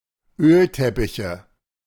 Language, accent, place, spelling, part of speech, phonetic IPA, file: German, Germany, Berlin, Ölteppiche, noun, [ˈøːlˌtɛpɪçə], De-Ölteppiche.ogg
- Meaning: plural of Ölteppich